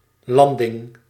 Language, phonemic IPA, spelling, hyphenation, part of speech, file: Dutch, /ˈlɑn.dɪŋ/, landing, lan‧ding, noun, Nl-landing.ogg
- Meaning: 1. landing, touchdown of an airplane or any other airborne object 2. the act of disembarking a ship, particularly in military contexts